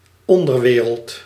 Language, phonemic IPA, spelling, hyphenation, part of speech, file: Dutch, /ˈɔndərˌʋeːrəlt/, onderwereld, on‧der‧we‧reld, noun, Nl-onderwereld.ogg
- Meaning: 1. netherworld, underworld 2. organized crime, underworld